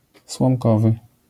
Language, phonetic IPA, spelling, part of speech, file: Polish, [swɔ̃mˈkɔvɨ], słomkowy, adjective, LL-Q809 (pol)-słomkowy.wav